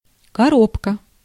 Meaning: 1. box, case 2. gearbox
- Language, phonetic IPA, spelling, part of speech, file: Russian, [kɐˈropkə], коробка, noun, Ru-коробка.ogg